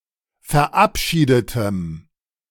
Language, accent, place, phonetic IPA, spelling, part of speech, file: German, Germany, Berlin, [fɛɐ̯ˈʔapˌʃiːdətəm], verabschiedetem, adjective, De-verabschiedetem.ogg
- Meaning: strong dative masculine/neuter singular of verabschiedet